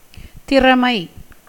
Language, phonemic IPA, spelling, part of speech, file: Tamil, /t̪ɪrɐmɐɪ̯/, திறமை, noun, Ta-திறமை.ogg
- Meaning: ability, skill, talent